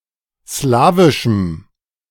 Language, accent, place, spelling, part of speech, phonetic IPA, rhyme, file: German, Germany, Berlin, slawischem, adjective, [ˈslaːvɪʃm̩], -aːvɪʃm̩, De-slawischem.ogg
- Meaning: strong dative masculine/neuter singular of slawisch